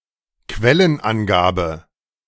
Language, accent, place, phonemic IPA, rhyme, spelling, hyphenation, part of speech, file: German, Germany, Berlin, /ˈkvɛlənˌʔanɡaːbə/, -aːbə, Quellenangabe, Quel‧len‧an‧ga‧be, noun, De-Quellenangabe.ogg
- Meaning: reference (a source for writing an academic document)